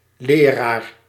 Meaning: 1. a teacher, a person who gives lessons 2. a Protestant clergyman, a reverend
- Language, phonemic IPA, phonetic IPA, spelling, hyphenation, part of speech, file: Dutch, /ˈleː.raːr/, [ˈlɪː.raːr], leraar, le‧raar, noun, Nl-leraar.ogg